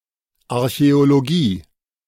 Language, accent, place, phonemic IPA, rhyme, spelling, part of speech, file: German, Germany, Berlin, /aʁçɛoloˈɡiː/, -iː, Archäologie, noun, De-Archäologie.ogg
- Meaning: archaeology / archeology